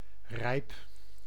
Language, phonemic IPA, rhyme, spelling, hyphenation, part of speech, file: Dutch, /rɛi̯p/, -ɛi̯p, rijp, rijp, adjective / noun / verb, Nl-rijp.ogg
- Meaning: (adjective) ripe (of fruit etc.); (noun) hoarfrost; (verb) inflection of rijpen: 1. first-person singular present indicative 2. second-person singular present indicative 3. imperative